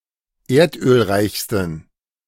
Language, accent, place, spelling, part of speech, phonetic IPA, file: German, Germany, Berlin, erdölreichsten, adjective, [ˈeːɐ̯tʔøːlˌʁaɪ̯çstn̩], De-erdölreichsten.ogg
- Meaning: 1. superlative degree of erdölreich 2. inflection of erdölreich: strong genitive masculine/neuter singular superlative degree